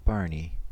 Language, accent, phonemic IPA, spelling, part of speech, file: English, US, /ˈbɑɹni/, barney, noun / adjective / verb, En-us-barney.ogg
- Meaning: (noun) 1. A lark, a romp, some fun 2. A hoax, a humbug, something that is not genuine, a rigged or unfair sporting contest 3. A poor recitation 4. A noisy argument 5. A minor physical fight